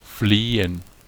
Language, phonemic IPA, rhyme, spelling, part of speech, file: German, /ˈfleːən/, -eːən, flehen, verb, De-flehen.ogg
- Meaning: to entreat, to beg